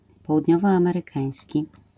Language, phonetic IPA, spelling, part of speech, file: Polish, [ˌpɔwudʲˈɲɔvɔˌãmɛrɨˈkãj̃sʲci], południowoamerykański, adjective, LL-Q809 (pol)-południowoamerykański.wav